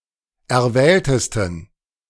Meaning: 1. superlative degree of erwählt 2. inflection of erwählt: strong genitive masculine/neuter singular superlative degree
- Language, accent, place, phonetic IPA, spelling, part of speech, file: German, Germany, Berlin, [ɛɐ̯ˈvɛːltəstn̩], erwähltesten, adjective, De-erwähltesten.ogg